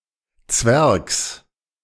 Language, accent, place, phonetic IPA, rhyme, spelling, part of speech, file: German, Germany, Berlin, [t͡svɛʁks], -ɛʁks, Zwergs, noun, De-Zwergs.ogg
- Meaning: genitive singular of Zwerg